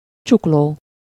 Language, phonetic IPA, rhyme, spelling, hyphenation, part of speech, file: Hungarian, [ˈt͡ʃukloː], -loː, csukló, csuk‧ló, noun, Hu-csukló.ogg
- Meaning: wrist